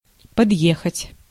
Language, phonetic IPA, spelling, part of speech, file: Russian, [pɐdˈjexətʲ], подъехать, verb, Ru-подъехать.ogg
- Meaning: 1. to drive up (to) 2. to drop in, to pay a short visit 3. to get (round), to start a pick up line, to get on the right side (of)